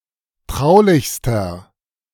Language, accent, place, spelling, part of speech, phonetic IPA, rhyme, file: German, Germany, Berlin, traulichster, adjective, [ˈtʁaʊ̯lɪçstɐ], -aʊ̯lɪçstɐ, De-traulichster.ogg
- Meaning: inflection of traulich: 1. strong/mixed nominative masculine singular superlative degree 2. strong genitive/dative feminine singular superlative degree 3. strong genitive plural superlative degree